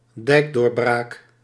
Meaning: the breaching of a dike
- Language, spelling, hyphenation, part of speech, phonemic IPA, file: Dutch, dijkdoorbraak, dijk‧door‧braak, noun, /ˈdɛi̯k.doːrˌbraːk/, Nl-dijkdoorbraak.ogg